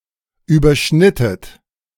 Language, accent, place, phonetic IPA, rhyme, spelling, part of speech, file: German, Germany, Berlin, [yːbɐˈʃnɪtət], -ɪtət, überschnittet, verb, De-überschnittet.ogg
- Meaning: inflection of überschneiden: 1. second-person plural preterite 2. second-person plural subjunctive II